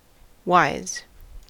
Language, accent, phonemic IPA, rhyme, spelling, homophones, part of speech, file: English, US, /waɪz/, -aɪz, wise, whys / wyes / Ys / why's, adjective / verb / noun, En-us-wise.ogg
- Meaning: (adjective) 1. Showing good judgement or the benefit of experience 2. Disrespectful 3. Aware, informed (to something); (verb) 1. To become wise 2. Usually with "up", to inform or learn